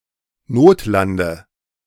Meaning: inflection of notlanden: 1. first-person singular present 2. first/third-person singular subjunctive I 3. singular imperative
- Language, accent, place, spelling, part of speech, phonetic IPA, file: German, Germany, Berlin, notlande, verb, [ˈnoːtˌlandə], De-notlande.ogg